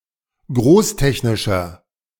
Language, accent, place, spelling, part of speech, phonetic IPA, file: German, Germany, Berlin, großtechnischer, adjective, [ˈɡʁoːsˌtɛçnɪʃɐ], De-großtechnischer.ogg
- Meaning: inflection of großtechnisch: 1. strong/mixed nominative masculine singular 2. strong genitive/dative feminine singular 3. strong genitive plural